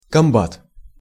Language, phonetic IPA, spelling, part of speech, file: Russian, [kɐmˈbat], комбат, noun, Ru-комбат.ogg
- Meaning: 1. battalion commander 2. battery commander